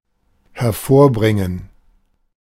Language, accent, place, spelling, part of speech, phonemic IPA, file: German, Germany, Berlin, hervorbringen, verb, /hɛɐ̯ˈfoːɐ̯ˌbʁɪŋən/, De-hervorbringen.ogg
- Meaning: to yield, to spawn, to bear, to produce, to bring forth